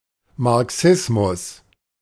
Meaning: Marxism
- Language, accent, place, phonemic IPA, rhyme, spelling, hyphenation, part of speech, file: German, Germany, Berlin, /maʁˈksɪsmʊs/, -ɪsmʊs, Marxismus, Mar‧xis‧mus, noun, De-Marxismus.ogg